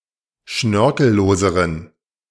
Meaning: inflection of schnörkellos: 1. strong genitive masculine/neuter singular comparative degree 2. weak/mixed genitive/dative all-gender singular comparative degree
- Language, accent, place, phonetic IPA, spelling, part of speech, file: German, Germany, Berlin, [ˈʃnœʁkl̩ˌloːzəʁən], schnörkelloseren, adjective, De-schnörkelloseren.ogg